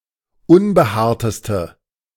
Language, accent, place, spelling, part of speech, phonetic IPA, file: German, Germany, Berlin, unbehaarteste, adjective, [ˈʊnbəˌhaːɐ̯təstə], De-unbehaarteste.ogg
- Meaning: inflection of unbehaart: 1. strong/mixed nominative/accusative feminine singular superlative degree 2. strong nominative/accusative plural superlative degree